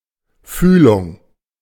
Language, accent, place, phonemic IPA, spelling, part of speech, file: German, Germany, Berlin, /ˈfyːlʊŋ/, Fühlung, noun, De-Fühlung.ogg
- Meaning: 1. more particular feeling 2. contact (relationship of close communication)